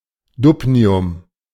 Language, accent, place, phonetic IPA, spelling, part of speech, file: German, Germany, Berlin, [ˈdubniʊm], Dubnium, noun, De-Dubnium.ogg
- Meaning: dubnium